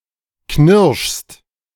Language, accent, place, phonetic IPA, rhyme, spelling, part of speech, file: German, Germany, Berlin, [knɪʁʃst], -ɪʁʃst, knirschst, verb, De-knirschst.ogg
- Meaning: second-person singular present of knirschen